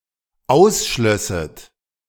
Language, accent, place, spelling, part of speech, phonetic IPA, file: German, Germany, Berlin, ausschlösset, verb, [ˈaʊ̯sˌʃlœsət], De-ausschlösset.ogg
- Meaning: second-person plural dependent subjunctive II of ausschließen